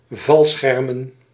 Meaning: plural of valscherm
- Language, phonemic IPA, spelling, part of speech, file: Dutch, /ˈvɑlsxɛrmə(n)/, valschermen, noun, Nl-valschermen.ogg